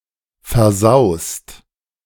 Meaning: second-person singular present of versauen
- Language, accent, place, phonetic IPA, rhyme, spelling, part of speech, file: German, Germany, Berlin, [fɛɐ̯ˈzaʊ̯st], -aʊ̯st, versaust, verb, De-versaust.ogg